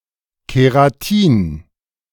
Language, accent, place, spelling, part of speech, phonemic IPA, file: German, Germany, Berlin, Keratin, noun, /keʁaˈtiːn/, De-Keratin.ogg
- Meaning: Keratin (protein that hair and nails are made of)